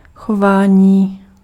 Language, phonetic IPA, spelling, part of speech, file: Czech, [ˈxovaːɲiː], chování, noun, Cs-chování.ogg
- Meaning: 1. verbal noun of chovat 2. behavior